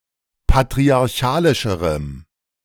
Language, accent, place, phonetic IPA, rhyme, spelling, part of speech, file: German, Germany, Berlin, [patʁiaʁˈçaːlɪʃəʁəm], -aːlɪʃəʁəm, patriarchalischerem, adjective, De-patriarchalischerem.ogg
- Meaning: strong dative masculine/neuter singular comparative degree of patriarchalisch